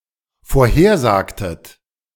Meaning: inflection of vorhersagen: 1. second-person plural dependent preterite 2. second-person plural dependent subjunctive II
- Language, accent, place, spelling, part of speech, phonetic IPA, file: German, Germany, Berlin, vorhersagtet, verb, [foːɐ̯ˈheːɐ̯ˌzaːktət], De-vorhersagtet.ogg